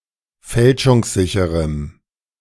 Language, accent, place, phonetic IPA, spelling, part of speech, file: German, Germany, Berlin, [ˈfɛlʃʊŋsˌzɪçəʁəm], fälschungssicherem, adjective, De-fälschungssicherem.ogg
- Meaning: strong dative masculine/neuter singular of fälschungssicher